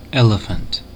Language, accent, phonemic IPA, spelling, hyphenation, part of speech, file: English, General American, /ˈɛləfənt/, elephant, ele‧phant, noun, En-us-elephant.ogg
- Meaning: 1. A large mammal of the family Elephantidae in the order Proboscidea, having a trunk, and native to Africa and Asia 2. Anything huge and ponderous 3. Synonym of elephant paper